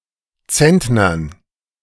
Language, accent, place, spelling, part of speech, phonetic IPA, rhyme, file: German, Germany, Berlin, Zentnern, noun, [ˈt͡sɛntnɐn], -ɛntnɐn, De-Zentnern.ogg
- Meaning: dative plural of Zentner